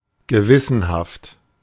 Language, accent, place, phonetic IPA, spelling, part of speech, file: German, Germany, Berlin, [ɡəˈvɪsənhaft], gewissenhaft, adjective, De-gewissenhaft.ogg
- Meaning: 1. assiduous, diligent, conscientious, scrupulous, meticulous 2. pedantic